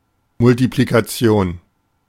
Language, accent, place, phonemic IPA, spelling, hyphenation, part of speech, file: German, Germany, Berlin, /mʊltiplikaˈt͡si̯oːn/, Multiplikation, Mul‧ti‧pli‧ka‧ti‧on, noun, De-Multiplikation.ogg
- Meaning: multiplication